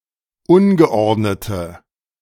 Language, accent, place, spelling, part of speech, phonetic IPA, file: German, Germany, Berlin, ungeordnete, adjective, [ˈʊnɡəˌʔɔʁdnətə], De-ungeordnete.ogg
- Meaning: inflection of ungeordnet: 1. strong/mixed nominative/accusative feminine singular 2. strong nominative/accusative plural 3. weak nominative all-gender singular